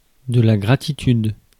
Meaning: gratitude
- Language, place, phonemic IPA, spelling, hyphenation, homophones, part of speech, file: French, Paris, /ɡʁa.ti.tyd/, gratitude, gra‧ti‧tude, gratitudes, noun, Fr-gratitude.ogg